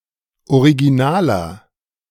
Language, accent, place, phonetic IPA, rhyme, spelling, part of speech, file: German, Germany, Berlin, [oʁiɡiˈnaːlɐ], -aːlɐ, originaler, adjective, De-originaler.ogg
- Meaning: inflection of original: 1. strong/mixed nominative masculine singular 2. strong genitive/dative feminine singular 3. strong genitive plural